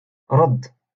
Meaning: 1. to reply, to answer, to respond 2. to give back 3. to vomit
- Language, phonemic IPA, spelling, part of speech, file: Moroccan Arabic, /radː/, رد, verb, LL-Q56426 (ary)-رد.wav